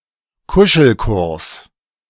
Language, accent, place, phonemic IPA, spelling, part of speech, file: German, Germany, Berlin, /ˈkʊʃl̩ˌkʊrs/, Kuschelkurs, noun, De-Kuschelkurs.ogg
- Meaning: friendly overtures; cosying up